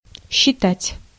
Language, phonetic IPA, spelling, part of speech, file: Russian, [ɕːɪˈtatʲ], считать, verb, Ru-считать.ogg
- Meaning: 1. to calculate 2. to count 3. to think, to opine, to consider